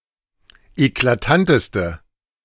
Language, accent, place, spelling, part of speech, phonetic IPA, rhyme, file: German, Germany, Berlin, eklatanteste, adjective, [eklaˈtantəstə], -antəstə, De-eklatanteste.ogg
- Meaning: inflection of eklatant: 1. strong/mixed nominative/accusative feminine singular superlative degree 2. strong nominative/accusative plural superlative degree